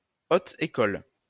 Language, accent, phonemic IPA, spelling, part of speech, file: French, France, /o.t‿e.kɔl/, haute école, noun, LL-Q150 (fra)-haute école.wav
- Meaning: 1. Very academic, high-level, equitation style school of higher education 2. a school of higher education, academic but not ranked as a university